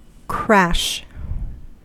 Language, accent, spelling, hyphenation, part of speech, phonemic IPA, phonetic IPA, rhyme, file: English, US, crash, crash, noun / adjective / verb, /ˈkɹæʃ/, [ˈkʰɹʷæʃ], -æʃ, En-us-crash.ogg
- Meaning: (noun) 1. A sudden, intense, loud sound, as made for example by cymbals 2. An automobile, airplane, or other vehicle accident